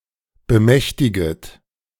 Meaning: second-person plural subjunctive I of bemächtigen
- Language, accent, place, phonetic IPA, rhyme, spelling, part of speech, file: German, Germany, Berlin, [bəˈmɛçtɪɡət], -ɛçtɪɡət, bemächtiget, verb, De-bemächtiget.ogg